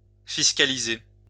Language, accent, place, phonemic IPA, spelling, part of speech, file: French, France, Lyon, /fis.ka.li.ze/, fiscaliser, verb, LL-Q150 (fra)-fiscaliser.wav
- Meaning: to tax (make taxable)